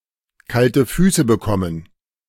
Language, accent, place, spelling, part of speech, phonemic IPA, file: German, Germany, Berlin, kalte Füße bekommen, verb, /ˌkaltə ˈfyːsə ˌbəˈkɔmən/, De-kalte Füße bekommen.ogg
- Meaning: to get cold feet